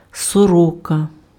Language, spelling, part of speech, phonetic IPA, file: Ukrainian, сорока, noun, [sɔˈrɔkɐ], Uk-сорока.ogg
- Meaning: 1. magpie 2. a very talkative man